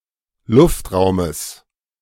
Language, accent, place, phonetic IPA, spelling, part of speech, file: German, Germany, Berlin, [ˈlʊftˌʁaʊ̯məs], Luftraumes, noun, De-Luftraumes.ogg
- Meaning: genitive singular of Luftraum